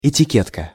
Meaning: label, tag, tally
- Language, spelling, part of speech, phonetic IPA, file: Russian, этикетка, noun, [ɪtʲɪˈkʲetkə], Ru-этикетка.ogg